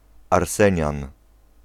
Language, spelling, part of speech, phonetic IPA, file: Polish, arsenian, noun, [arˈsɛ̃ɲãn], Pl-arsenian.ogg